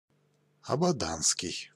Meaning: of, from or relating to Abadan
- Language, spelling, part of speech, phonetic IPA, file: Russian, абаданский, adjective, [ɐbɐˈdanskʲɪj], Ru-абаданский.ogg